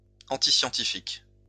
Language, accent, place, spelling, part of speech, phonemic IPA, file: French, France, Lyon, antiscientifique, adjective, /ɑ̃.ti.sjɑ̃.ti.fik/, LL-Q150 (fra)-antiscientifique.wav
- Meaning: antiscientific